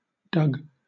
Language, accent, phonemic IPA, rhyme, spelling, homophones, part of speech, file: English, Southern England, /dʌɡ/, -ʌɡ, dug, Doug, verb / noun, LL-Q1860 (eng)-dug.wav
- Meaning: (verb) simple past and past participle of dig (replacing earlier digged)